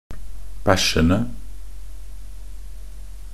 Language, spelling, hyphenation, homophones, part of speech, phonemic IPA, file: Norwegian Bokmål, bæsjende, bæsj‧en‧de, bæsjene, verb, /ˈbæʃːən(d)ə/, Nb-bæsjende.ogg
- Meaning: present participle of bæsje